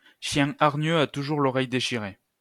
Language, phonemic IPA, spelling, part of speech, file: French, /ʃjɛ̃ aʁ.ɲø a tu.ʒuʁ l‿ɔ.ʁɛj de.ʃi.ʁe/, chien hargneux a toujours l'oreille déchirée, proverb, LL-Q150 (fra)-chien hargneux a toujours l'oreille déchirée.wav
- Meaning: an aggressive person will inevitably get themselves hurt